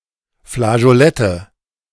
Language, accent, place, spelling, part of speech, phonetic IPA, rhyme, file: German, Germany, Berlin, Flageolette, noun, [flaʒoˈlɛtə], -ɛtə, De-Flageolette.ogg
- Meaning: nominative/accusative/genitive plural of Flageolett